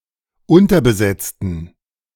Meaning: inflection of unterbesetzt: 1. strong genitive masculine/neuter singular 2. weak/mixed genitive/dative all-gender singular 3. strong/weak/mixed accusative masculine singular 4. strong dative plural
- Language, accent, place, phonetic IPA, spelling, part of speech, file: German, Germany, Berlin, [ˈʊntɐbəˌzɛt͡stn̩], unterbesetzten, adjective / verb, De-unterbesetzten.ogg